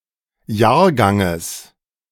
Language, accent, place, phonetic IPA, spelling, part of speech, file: German, Germany, Berlin, [ˈjaːɐ̯ˌɡaŋəs], Jahrganges, noun, De-Jahrganges.ogg
- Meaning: genitive singular of Jahrgang